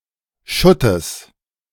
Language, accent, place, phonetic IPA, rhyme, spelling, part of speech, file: German, Germany, Berlin, [ˈʃʊtəs], -ʊtəs, Schuttes, noun, De-Schuttes.ogg
- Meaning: genitive singular of Schutt